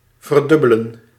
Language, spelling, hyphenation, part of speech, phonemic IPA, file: Dutch, verdubbelen, ver‧dub‧be‧len, verb, /vərˈdʏ.bə.lə(n)/, Nl-verdubbelen.ogg
- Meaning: 1. to double 2. to become doubled